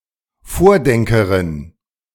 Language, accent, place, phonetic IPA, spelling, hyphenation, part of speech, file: German, Germany, Berlin, [ˈfoːɐ̯ˌdɛŋkəʁɪn], Vordenkerin, Vor‧den‧ke‧rin, noun, De-Vordenkerin.ogg
- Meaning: female equivalent of Vordenker